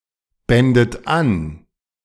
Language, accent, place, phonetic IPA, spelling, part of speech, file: German, Germany, Berlin, [ˌbɛndət ˈan], bändet an, verb, De-bändet an.ogg
- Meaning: second-person plural subjunctive II of anbinden